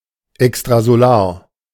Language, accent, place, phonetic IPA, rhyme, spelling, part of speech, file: German, Germany, Berlin, [ɛkstʁazoˈlaːɐ̯], -aːɐ̯, extrasolar, adjective, De-extrasolar.ogg
- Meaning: extrasolar